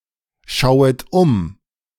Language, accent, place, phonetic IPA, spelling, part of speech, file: German, Germany, Berlin, [ˌʃaʊ̯ət ˈʊm], schauet um, verb, De-schauet um.ogg
- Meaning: second-person plural subjunctive I of umschauen